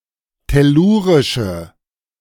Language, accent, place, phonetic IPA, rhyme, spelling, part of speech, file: German, Germany, Berlin, [tɛˈluːʁɪʃə], -uːʁɪʃə, tellurische, adjective, De-tellurische.ogg
- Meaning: inflection of tellurisch: 1. strong/mixed nominative/accusative feminine singular 2. strong nominative/accusative plural 3. weak nominative all-gender singular